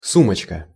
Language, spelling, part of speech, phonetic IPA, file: Russian, сумочка, noun, [ˈsumət͡ɕkə], Ru-сумочка.ogg
- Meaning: diminutive of су́мка (súmka): (small) bag, handbag, purse